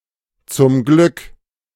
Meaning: fortunately, luckily
- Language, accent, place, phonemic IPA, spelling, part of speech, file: German, Germany, Berlin, /t͡sʊm ˈɡlʏk/, zum Glück, adverb, De-zum Glück.ogg